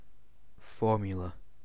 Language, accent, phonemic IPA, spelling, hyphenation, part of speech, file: English, UK, /ˈfɔː.mjʊ.lə/, formula, for‧mu‧la, noun, En-uk-formula.ogg
- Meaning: 1. Any mathematical rule expressed symbolically 2. A symbolic expression of the structure of a compound 3. A plan or method for dealing with a problem or for achieving a result